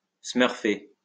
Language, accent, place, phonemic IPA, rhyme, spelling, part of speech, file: French, France, Lyon, /smœʁ.fe/, -e, smurfer, verb, LL-Q150 (fra)-smurfer.wav
- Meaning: to breakdance